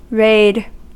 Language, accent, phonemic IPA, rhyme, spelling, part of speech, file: English, US, /ɹeɪd/, -eɪd, raid, noun / verb, En-us-raid.ogg
- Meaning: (noun) 1. A quick hostile or predatory incursion or invasion in a battle 2. An attack or invasion for the purpose of making arrests, seizing property, or plundering 3. An attacking movement